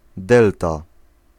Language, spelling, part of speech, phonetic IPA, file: Polish, delta, noun, [ˈdɛlta], Pl-delta.ogg